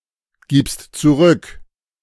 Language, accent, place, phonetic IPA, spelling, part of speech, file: German, Germany, Berlin, [ˌɡiːpst t͡suˈʁʏk], gibst zurück, verb, De-gibst zurück.ogg
- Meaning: second-person singular present of zurückgeben